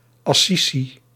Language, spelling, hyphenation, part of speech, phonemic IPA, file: Dutch, Assisi, As‧sisi, proper noun, /ˌɑˈsi.si/, Nl-Assisi.ogg
- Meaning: Assisi (a city in Umbria, Italy)